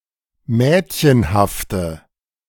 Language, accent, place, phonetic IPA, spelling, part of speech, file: German, Germany, Berlin, [ˈmɛːtçənhaftə], mädchenhafte, adjective, De-mädchenhafte.ogg
- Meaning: inflection of mädchenhaft: 1. strong/mixed nominative/accusative feminine singular 2. strong nominative/accusative plural 3. weak nominative all-gender singular